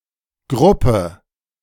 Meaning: group
- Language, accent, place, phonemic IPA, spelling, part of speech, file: German, Germany, Berlin, /ˈɡʁʊpə/, Gruppe, noun, De-Gruppe.ogg